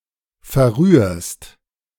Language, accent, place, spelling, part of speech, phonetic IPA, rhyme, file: German, Germany, Berlin, verrührst, verb, [fɛɐ̯ˈʁyːɐ̯st], -yːɐ̯st, De-verrührst.ogg
- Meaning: second-person singular present of verrühren